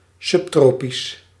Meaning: subtropical
- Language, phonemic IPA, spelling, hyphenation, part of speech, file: Dutch, /ˌsʏpˈtroː.pis/, subtropisch, sub‧tro‧pisch, adjective, Nl-subtropisch.ogg